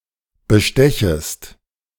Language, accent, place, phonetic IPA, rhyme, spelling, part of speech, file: German, Germany, Berlin, [bəˈʃtɛçəst], -ɛçəst, bestechest, verb, De-bestechest.ogg
- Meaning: second-person singular subjunctive I of bestechen